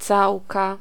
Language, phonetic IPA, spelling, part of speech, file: Polish, [ˈt͡sawka], całka, noun, Pl-całka.ogg